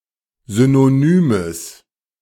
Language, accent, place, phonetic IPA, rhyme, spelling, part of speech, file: German, Germany, Berlin, [ˌzynoˈnyːməs], -yːməs, synonymes, adjective, De-synonymes.ogg
- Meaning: strong/mixed nominative/accusative neuter singular of synonym